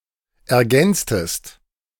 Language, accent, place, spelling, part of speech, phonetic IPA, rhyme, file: German, Germany, Berlin, ergänztest, verb, [ɛɐ̯ˈɡɛnt͡stəst], -ɛnt͡stəst, De-ergänztest.ogg
- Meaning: inflection of ergänzen: 1. second-person singular preterite 2. second-person singular subjunctive II